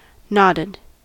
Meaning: simple past and past participle of nod
- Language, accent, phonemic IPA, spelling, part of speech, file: English, US, /ˈnɑdɪd/, nodded, verb, En-us-nodded.ogg